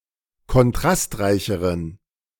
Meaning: inflection of kontrastreich: 1. strong genitive masculine/neuter singular comparative degree 2. weak/mixed genitive/dative all-gender singular comparative degree
- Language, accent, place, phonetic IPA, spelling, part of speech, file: German, Germany, Berlin, [kɔnˈtʁastˌʁaɪ̯çəʁən], kontrastreicheren, adjective, De-kontrastreicheren.ogg